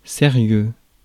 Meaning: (adjective) serious; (interjection) really? for real?
- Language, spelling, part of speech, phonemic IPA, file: French, sérieux, adjective / noun / interjection, /se.ʁjø/, Fr-sérieux.ogg